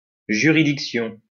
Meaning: jurisdiction
- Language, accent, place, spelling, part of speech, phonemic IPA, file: French, France, Lyon, juridiction, noun, /ʒy.ʁi.dik.sjɔ̃/, LL-Q150 (fra)-juridiction.wav